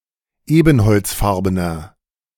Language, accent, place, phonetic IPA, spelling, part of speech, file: German, Germany, Berlin, [ˈeːbn̩hɔlt͡sˌfaʁbənɐ], ebenholzfarbener, adjective, De-ebenholzfarbener.ogg
- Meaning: inflection of ebenholzfarben: 1. strong/mixed nominative masculine singular 2. strong genitive/dative feminine singular 3. strong genitive plural